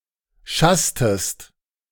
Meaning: inflection of schassen: 1. second-person singular preterite 2. second-person singular subjunctive II
- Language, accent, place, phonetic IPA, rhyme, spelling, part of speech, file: German, Germany, Berlin, [ˈʃastəst], -astəst, schasstest, verb, De-schasstest.ogg